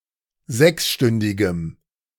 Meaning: strong dative masculine/neuter singular of sechsstündig
- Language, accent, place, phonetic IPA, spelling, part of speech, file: German, Germany, Berlin, [ˈzɛksˌʃtʏndɪɡəm], sechsstündigem, adjective, De-sechsstündigem.ogg